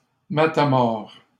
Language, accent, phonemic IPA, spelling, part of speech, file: French, Canada, /ma.ta.mɔʁ/, matamores, noun, LL-Q150 (fra)-matamores.wav
- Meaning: plural of matamore